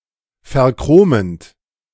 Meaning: present participle of verchromen
- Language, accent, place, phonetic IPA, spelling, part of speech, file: German, Germany, Berlin, [fɛɐ̯ˈkʁoːmənt], verchromend, verb, De-verchromend.ogg